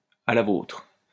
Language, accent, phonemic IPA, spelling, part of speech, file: French, France, /a la votʁ/, à la vôtre, interjection, LL-Q150 (fra)-à la vôtre.wav
- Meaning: cheers (used as a toast to drinking)